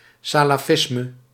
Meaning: Salafism (Sunni movement that seeks to align modern Islam with early Islam)
- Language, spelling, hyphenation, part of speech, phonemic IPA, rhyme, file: Dutch, salafisme, sa‧la‧fis‧me, noun, /ˌsaː.laːˈfɪs.mə/, -ɪsmə, Nl-salafisme.ogg